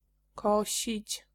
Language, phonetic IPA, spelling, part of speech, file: Polish, [ˈkɔɕit͡ɕ], kosić, verb, Pl-kosić.ogg